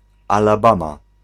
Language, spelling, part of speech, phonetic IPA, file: Polish, Alabama, proper noun, [ˌalaˈbãma], Pl-Alabama.ogg